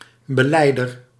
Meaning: confessor
- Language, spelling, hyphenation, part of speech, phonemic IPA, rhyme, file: Dutch, belijder, be‧lij‧der, noun, /bəˈlɛi̯.dər/, -ɛi̯dər, Nl-belijder.ogg